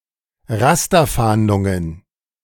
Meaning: plural of Rasterfahndung
- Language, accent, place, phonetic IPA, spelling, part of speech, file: German, Germany, Berlin, [ˈʁastɐˌfaːndʊŋən], Rasterfahndungen, noun, De-Rasterfahndungen.ogg